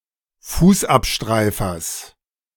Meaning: genitive singular of Fußabstreifer
- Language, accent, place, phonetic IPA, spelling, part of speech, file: German, Germany, Berlin, [ˈfuːsʔapˌʃtʁaɪ̯fɐs], Fußabstreifers, noun, De-Fußabstreifers.ogg